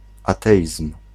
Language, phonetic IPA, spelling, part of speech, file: Polish, [aˈtɛʲism̥], ateizm, noun, Pl-ateizm.ogg